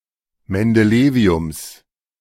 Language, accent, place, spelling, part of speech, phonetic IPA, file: German, Germany, Berlin, Mendeleviums, noun, [mɛndəˈleːvi̯ʊms], De-Mendeleviums.ogg
- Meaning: genitive singular of Mendelevium